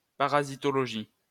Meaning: parasitology
- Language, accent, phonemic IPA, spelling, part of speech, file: French, France, /pa.ʁa.zi.tɔ.lɔ.ʒi/, parasitologie, noun, LL-Q150 (fra)-parasitologie.wav